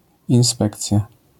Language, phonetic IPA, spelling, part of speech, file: Polish, [ĩw̃ˈspɛkt͡sʲja], inspekcja, noun, LL-Q809 (pol)-inspekcja.wav